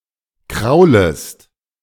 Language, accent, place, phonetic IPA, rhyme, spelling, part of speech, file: German, Germany, Berlin, [ˈkʁaʊ̯ləst], -aʊ̯ləst, kraulest, verb, De-kraulest.ogg
- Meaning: second-person singular subjunctive I of kraulen